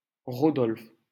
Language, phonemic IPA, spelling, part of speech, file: French, /ʁɔ.dɔlf/, Rodolphe, proper noun, LL-Q150 (fra)-Rodolphe.wav
- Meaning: a male given name, equivalent to English Rudolph